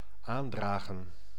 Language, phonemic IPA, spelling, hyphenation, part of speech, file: Dutch, /ˈaːndraːɣə(n)/, aandragen, aan‧dra‧gen, verb, Nl-aandragen.ogg
- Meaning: 1. to bring forth 2. to put forth, to suggest, to supply (e.g. an idea)